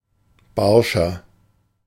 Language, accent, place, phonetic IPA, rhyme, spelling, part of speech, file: German, Germany, Berlin, [ˈbaʁʃɐ], -aʁʃɐ, barscher, adjective, De-barscher.ogg
- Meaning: 1. comparative degree of barsch 2. inflection of barsch: strong/mixed nominative masculine singular 3. inflection of barsch: strong genitive/dative feminine singular